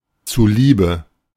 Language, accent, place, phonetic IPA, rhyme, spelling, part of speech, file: German, Germany, Berlin, [t͡suˈliːbə], -iːbə, zuliebe, postposition, De-zuliebe.ogg
- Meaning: for the sake of